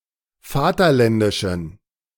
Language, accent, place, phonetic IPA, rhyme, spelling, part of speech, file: German, Germany, Berlin, [ˈfaːtɐˌlɛndɪʃn̩], -aːtɐlɛndɪʃn̩, vaterländischen, adjective, De-vaterländischen.ogg
- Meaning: inflection of vaterländisch: 1. strong genitive masculine/neuter singular 2. weak/mixed genitive/dative all-gender singular 3. strong/weak/mixed accusative masculine singular 4. strong dative plural